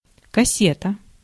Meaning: cassette
- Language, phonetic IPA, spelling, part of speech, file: Russian, [kɐˈsʲetə], кассета, noun, Ru-кассета.ogg